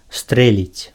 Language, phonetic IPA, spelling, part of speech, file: Belarusian, [ˈstrɛlʲit͡sʲ], стрэліць, verb, Be-стрэліць.ogg
- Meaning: to shoot